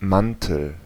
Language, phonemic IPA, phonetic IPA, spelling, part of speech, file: German, /ˈmantəl/, [ˈman.tl̩], Mantel, noun, De-Mantel.ogg
- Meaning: 1. coat, overcoat (long jacket that covers at least part of the thighs) 2. coating, casing, jacket, sheath e.g. in technical applications or baking 3. ellipsis of Fahrradmantel 4. lateral surface